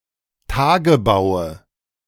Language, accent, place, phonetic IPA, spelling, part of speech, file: German, Germany, Berlin, [ˈtaːɡəbaʊ̯ə], Tagebaue, noun, De-Tagebaue.ogg
- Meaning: nominative/accusative/genitive plural of Tagebau